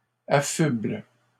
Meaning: inflection of affubler: 1. first/third-person singular present indicative/subjunctive 2. second-person singular imperative
- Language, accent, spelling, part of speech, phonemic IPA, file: French, Canada, affuble, verb, /a.fybl/, LL-Q150 (fra)-affuble.wav